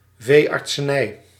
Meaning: veterinary practice
- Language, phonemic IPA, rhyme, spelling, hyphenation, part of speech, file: Dutch, /ˌveː.ɑrt.səˈnɛi̯/, -ɛi̯, veeartsenij, vee‧art‧se‧nij, noun, Nl-veeartsenij.ogg